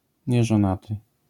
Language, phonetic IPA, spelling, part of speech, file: Polish, [ˌɲɛʒɔ̃ˈnatɨ], nieżonaty, adjective / noun, LL-Q809 (pol)-nieżonaty.wav